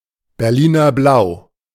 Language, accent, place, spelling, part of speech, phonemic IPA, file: German, Germany, Berlin, Berliner Blau, noun, /bɛɐ̯ˈliːnɐˌblaʊ̯/, De-Berliner Blau.ogg
- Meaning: Prussian blue